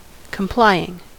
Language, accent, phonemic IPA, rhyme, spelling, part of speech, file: English, US, /kəmˈplaɪ.ɪŋ/, -aɪɪŋ, complying, adjective / verb, En-us-complying.ogg
- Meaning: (adjective) That complies; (verb) present participle and gerund of comply